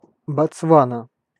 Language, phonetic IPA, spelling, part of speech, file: Russian, [bɐt͡sˈvanə], Ботсвана, proper noun, Ru-Ботсвана.ogg
- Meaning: Botswana (a country in Southern Africa)